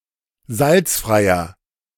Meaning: inflection of salzfrei: 1. strong/mixed nominative masculine singular 2. strong genitive/dative feminine singular 3. strong genitive plural
- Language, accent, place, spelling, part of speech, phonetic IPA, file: German, Germany, Berlin, salzfreier, adjective, [ˈzalt͡sfʁaɪ̯ɐ], De-salzfreier.ogg